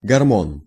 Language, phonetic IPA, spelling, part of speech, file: Russian, [ɡɐrˈmon], гормон, noun, Ru-гормон.ogg
- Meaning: hormone (substance produced by the body that affects physiological activity)